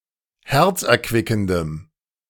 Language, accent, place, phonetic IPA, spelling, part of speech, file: German, Germany, Berlin, [ˈhɛʁt͡sʔɛɐ̯ˌkvɪkn̩dəm], herzerquickendem, adjective, De-herzerquickendem.ogg
- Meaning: strong dative masculine/neuter singular of herzerquickend